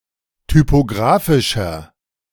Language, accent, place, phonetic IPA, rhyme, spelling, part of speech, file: German, Germany, Berlin, [typoˈɡʁaːfɪʃɐ], -aːfɪʃɐ, typographischer, adjective, De-typographischer.ogg
- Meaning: inflection of typographisch: 1. strong/mixed nominative masculine singular 2. strong genitive/dative feminine singular 3. strong genitive plural